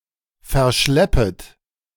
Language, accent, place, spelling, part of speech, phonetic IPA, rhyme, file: German, Germany, Berlin, verschleppet, verb, [fɛɐ̯ˈʃlɛpət], -ɛpət, De-verschleppet.ogg
- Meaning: second-person plural subjunctive I of verschleppen